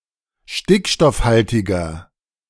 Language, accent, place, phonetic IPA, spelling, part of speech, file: German, Germany, Berlin, [ˈʃtɪkʃtɔfˌhaltɪɡɐ], stickstoffhaltiger, adjective, De-stickstoffhaltiger.ogg
- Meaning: 1. comparative degree of stickstoffhaltig 2. inflection of stickstoffhaltig: strong/mixed nominative masculine singular 3. inflection of stickstoffhaltig: strong genitive/dative feminine singular